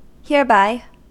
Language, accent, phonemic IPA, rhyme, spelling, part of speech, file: English, US, /hɪɹˈbaɪ/, -aɪ, hereby, adverb, En-us-hereby.ogg
- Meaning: 1. Near this place; nearby 2. By this means, action or process